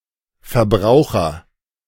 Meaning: 1. agent noun of verbrauchen 2. consumer
- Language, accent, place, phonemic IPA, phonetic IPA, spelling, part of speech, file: German, Germany, Berlin, /fɛʁˈbʁaʊ̯χəʁ/, [fɛʁˈbʁaʊ̯χɐ], Verbraucher, noun, De-Verbraucher.ogg